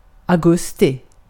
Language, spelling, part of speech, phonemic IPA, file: Swedish, augusti, noun, /a(ʊ̯)ˈɡɵstɪ/, Sv-augusti.ogg
- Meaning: August